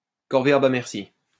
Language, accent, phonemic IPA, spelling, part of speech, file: French, France, /kɔʁ.ve.a.bl‿a mɛʁ.si/, corvéable à merci, adjective, LL-Q150 (fra)-corvéable à merci.wav
- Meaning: alternative form of taillable et corvéable à merci